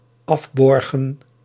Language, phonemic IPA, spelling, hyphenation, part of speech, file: Dutch, /ˈɑfˌbɔr.ɣə(n)/, afborgen, af‧bor‧gen, verb, Nl-afborgen.ogg
- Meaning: to borrow